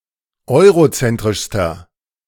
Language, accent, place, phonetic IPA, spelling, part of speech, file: German, Germany, Berlin, [ˈɔɪ̯ʁoˌt͡sɛntʁɪʃstɐ], eurozentrischster, adjective, De-eurozentrischster.ogg
- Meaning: inflection of eurozentrisch: 1. strong/mixed nominative masculine singular superlative degree 2. strong genitive/dative feminine singular superlative degree